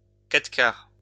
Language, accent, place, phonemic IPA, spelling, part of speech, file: French, France, Lyon, /ka.tʁə.kaʁ/, quatre-quarts, noun, LL-Q150 (fra)-quatre-quarts.wav
- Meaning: pound cake (dense yellow sponge): 1. quatre quart: French pound cake 2. English pound cake